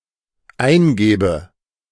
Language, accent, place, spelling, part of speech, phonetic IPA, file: German, Germany, Berlin, eingäbe, verb, [ˈaɪ̯nˌɡɛːbə], De-eingäbe.ogg
- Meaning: first/third-person singular dependent subjunctive II of eingeben